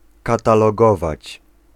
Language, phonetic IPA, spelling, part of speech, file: Polish, [ˌkatalɔˈɡɔvat͡ɕ], katalogować, verb, Pl-katalogować.ogg